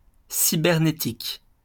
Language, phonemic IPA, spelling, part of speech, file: French, /si.bɛʁ.ne.tik/, cybernétique, noun / adjective, LL-Q150 (fra)-cybernétique.wav
- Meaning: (noun) cybernetics; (adjective) cybernetic